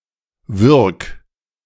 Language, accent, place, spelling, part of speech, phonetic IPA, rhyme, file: German, Germany, Berlin, würg, verb, [vʏʁk], -ʏʁk, De-würg.ogg
- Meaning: 1. singular imperative of würgen 2. first-person singular present of würgen